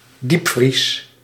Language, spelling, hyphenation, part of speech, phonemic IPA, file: Dutch, diepvries, diep‧vries, noun / adjective, /ˈdipfris/, Nl-diepvries.ogg
- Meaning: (noun) 1. deep-freezing 2. freezer; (adjective) deep-frozen